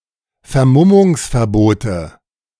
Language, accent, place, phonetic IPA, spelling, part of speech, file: German, Germany, Berlin, [fɛɐ̯ˈmʊmʊŋsfɛɐ̯ˌboːtə], Vermummungsverbote, noun, De-Vermummungsverbote.ogg
- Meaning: nominative/accusative/genitive plural of Vermummungsverbot